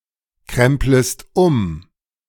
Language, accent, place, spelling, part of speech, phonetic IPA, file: German, Germany, Berlin, kremplest um, verb, [ˌkʁɛmpləst ˈʊm], De-kremplest um.ogg
- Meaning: second-person singular subjunctive I of umkrempeln